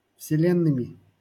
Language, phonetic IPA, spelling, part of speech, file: Russian, [fsʲɪˈlʲenːɨmʲɪ], вселенными, noun, LL-Q7737 (rus)-вселенными.wav
- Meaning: instrumental plural of вселе́нная (vselénnaja)